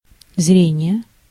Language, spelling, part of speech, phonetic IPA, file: Russian, зрение, noun, [ˈzrʲenʲɪje], Ru-зрение.ogg
- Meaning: sight, vision